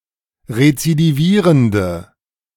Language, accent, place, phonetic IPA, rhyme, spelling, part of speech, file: German, Germany, Berlin, [ʁet͡sidiˈviːʁəndə], -iːʁəndə, rezidivierende, adjective, De-rezidivierende.ogg
- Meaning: inflection of rezidivierend: 1. strong/mixed nominative/accusative feminine singular 2. strong nominative/accusative plural 3. weak nominative all-gender singular